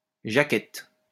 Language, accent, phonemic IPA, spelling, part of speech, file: French, France, /ʒa.kɛt/, jackette, noun, LL-Q150 (fra)-jackette.wav
- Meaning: female equivalent of jacky